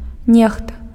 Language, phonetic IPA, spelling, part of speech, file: Belarusian, [ˈnʲexta], нехта, pronoun, Be-нехта.ogg
- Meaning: somebody, someone